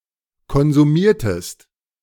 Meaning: inflection of konsumieren: 1. second-person singular preterite 2. second-person singular subjunctive II
- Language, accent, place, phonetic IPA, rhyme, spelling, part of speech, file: German, Germany, Berlin, [kɔnzuˈmiːɐ̯təst], -iːɐ̯təst, konsumiertest, verb, De-konsumiertest.ogg